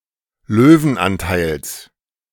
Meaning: genitive singular of Löwenanteil
- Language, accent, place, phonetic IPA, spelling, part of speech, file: German, Germany, Berlin, [ˈløːvn̩ˌʔantaɪ̯ls], Löwenanteils, noun, De-Löwenanteils.ogg